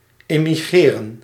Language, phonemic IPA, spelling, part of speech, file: Dutch, /ˌɪ.miˈɣreː.rə(n)/, immigreren, verb, Nl-immigreren.ogg
- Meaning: to immigrate